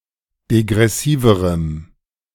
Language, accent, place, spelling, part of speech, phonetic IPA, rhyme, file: German, Germany, Berlin, degressiverem, adjective, [deɡʁɛˈsiːvəʁəm], -iːvəʁəm, De-degressiverem.ogg
- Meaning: strong dative masculine/neuter singular comparative degree of degressiv